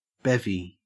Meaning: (noun) Clipping of beverage; especially, an alcoholic beverage; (verb) To get drunk
- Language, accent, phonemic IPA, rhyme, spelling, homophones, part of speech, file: English, Australia, /ˈbɛvi/, -ɛvi, bevvy, bevy, noun / verb, En-au-bevvy.ogg